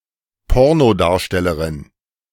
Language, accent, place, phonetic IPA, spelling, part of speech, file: German, Germany, Berlin, [ˈpɔʁnoˌdaːɐ̯ʃtɛləʁɪn], Pornodarstellerin, noun, De-Pornodarstellerin.ogg
- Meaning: female equivalent of Pornodarsteller